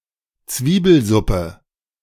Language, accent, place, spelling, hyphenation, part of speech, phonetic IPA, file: German, Germany, Berlin, Zwiebelsuppe, Zwie‧bel‧sup‧pe, noun, [ˈt͜sviːbl̩zʊpə], De-Zwiebelsuppe.ogg
- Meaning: onion soup